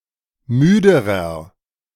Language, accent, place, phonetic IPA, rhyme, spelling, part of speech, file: German, Germany, Berlin, [ˈmyːdəʁɐ], -yːdəʁɐ, müderer, adjective, De-müderer.ogg
- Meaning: inflection of müde: 1. strong/mixed nominative masculine singular comparative degree 2. strong genitive/dative feminine singular comparative degree 3. strong genitive plural comparative degree